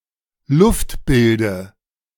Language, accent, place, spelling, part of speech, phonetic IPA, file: German, Germany, Berlin, Luftbilde, noun, [ˈlʊftˌbɪldə], De-Luftbilde.ogg
- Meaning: dative singular of Luftbild